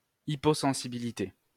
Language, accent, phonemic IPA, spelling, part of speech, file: French, France, /i.po.sɑ̃.si.bi.li.te/, hyposensibilité, noun, LL-Q150 (fra)-hyposensibilité.wav
- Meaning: hyposensitivity